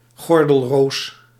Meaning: shingles
- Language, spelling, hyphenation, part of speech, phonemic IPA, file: Dutch, gordelroos, gor‧del‧roos, noun, /ˈɣɔr.dəlˌroːs/, Nl-gordelroos.ogg